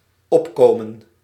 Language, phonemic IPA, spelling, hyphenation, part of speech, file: Dutch, /ˈɔpˌkoː.mə(n)/, opkomen, op‧ko‧men, verb, Nl-opkomen.ogg
- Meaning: 1. to come up, to rise 2. to stand up for 3. to come on (i.e. a stage)